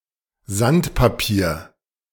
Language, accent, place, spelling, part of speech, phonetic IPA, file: German, Germany, Berlin, Sandpapier, noun, [ˈzantpaˌpiːɐ̯], De-Sandpapier.ogg
- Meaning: sandpaper